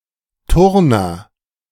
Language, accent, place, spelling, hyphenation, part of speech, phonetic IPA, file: German, Germany, Berlin, Turner, Tur‧ner, noun, [ˈtʊʁnɐ], De-Turner.ogg
- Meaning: a male gymnast